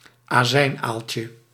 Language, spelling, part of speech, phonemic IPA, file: Dutch, azijnaaltje, noun, /aˈzɛinalcə/, Nl-azijnaaltje.ogg
- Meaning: diminutive of azijnaal